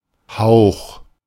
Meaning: 1. breath from the mouth 2. whisper; sough 3. aspiration 4. waft (of air) 5. mist (on something) 6. hint or whiff (of something)
- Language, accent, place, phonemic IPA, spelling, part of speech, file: German, Germany, Berlin, /haʊ̯x/, Hauch, noun, De-Hauch.ogg